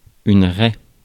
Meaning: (noun) 1. ridge between furrows, balk (an unplowed strip of land) 2. line 3. scratch, mark 4. cleft (zone between the buttocks) 5. stripe 6. parting (of hair) 7. ray
- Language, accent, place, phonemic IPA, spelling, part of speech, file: French, France, Paris, /ʁɛ/, raie, noun / verb, Fr-raie.ogg